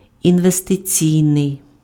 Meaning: investment (attributive) (pertaining to investment)
- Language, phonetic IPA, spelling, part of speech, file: Ukrainian, [inʋesteˈt͡sʲii̯nei̯], інвестиційний, adjective, Uk-інвестиційний.ogg